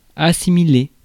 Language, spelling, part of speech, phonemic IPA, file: French, assimiler, verb, /a.si.mi.le/, Fr-assimiler.ogg
- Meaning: 1. to assimilate (all meanings), to absorb 2. to liken 3. to lump together (e.g., one group with another) 4. to digest (of food)